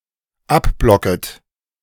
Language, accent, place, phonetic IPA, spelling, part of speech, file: German, Germany, Berlin, [ˈapˌblɔkət], abblocket, verb, De-abblocket.ogg
- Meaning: second-person plural dependent subjunctive I of abblocken